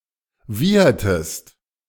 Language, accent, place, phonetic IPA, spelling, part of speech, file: German, Germany, Berlin, [ˈviːɐtəst], wiehertest, verb, De-wiehertest.ogg
- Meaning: inflection of wiehern: 1. second-person singular preterite 2. second-person singular subjunctive II